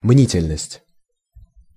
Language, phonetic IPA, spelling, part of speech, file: Russian, [ˈmnʲitʲɪlʲnəsʲtʲ], мнительность, noun, Ru-мнительность.ogg
- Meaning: 1. mistrustfulness, suspiciousness 2. hypochondria